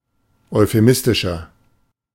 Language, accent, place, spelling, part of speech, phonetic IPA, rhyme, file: German, Germany, Berlin, euphemistischer, adjective, [ɔɪ̯feˈmɪstɪʃɐ], -ɪstɪʃɐ, De-euphemistischer.ogg
- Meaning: 1. comparative degree of euphemistisch 2. inflection of euphemistisch: strong/mixed nominative masculine singular 3. inflection of euphemistisch: strong genitive/dative feminine singular